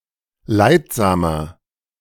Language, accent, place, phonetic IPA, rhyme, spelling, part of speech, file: German, Germany, Berlin, [ˈlaɪ̯tˌzaːmɐ], -aɪ̯tzaːmɐ, leidsamer, adjective, De-leidsamer.ogg
- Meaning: 1. comparative degree of leidsam 2. inflection of leidsam: strong/mixed nominative masculine singular 3. inflection of leidsam: strong genitive/dative feminine singular